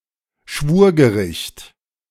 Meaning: a criminal court made up of professional judges and lay judges (in Germany, three professional and two lay judges, so-called Schöffen)
- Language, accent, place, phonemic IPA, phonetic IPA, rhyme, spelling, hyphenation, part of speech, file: German, Germany, Berlin, /ˈʃvuːʁɡəˌʁɪçt/, [ˈʃʋu(ː)ɐ̯.ɡəˌʁɪçt], -ɪçt, Schwurgericht, Schwur‧ge‧richt, noun, De-Schwurgericht.ogg